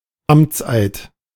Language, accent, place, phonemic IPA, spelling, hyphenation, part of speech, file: German, Germany, Berlin, /ˈamt͡sʔaɪ̯t/, Amtseid, Amts‧eid, noun, De-Amtseid.ogg
- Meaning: oath of office